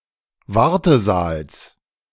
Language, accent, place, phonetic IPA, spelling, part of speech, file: German, Germany, Berlin, [ˈvaʁtəˌzaːls], Wartesaals, noun, De-Wartesaals.ogg
- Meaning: genitive singular of Wartesaal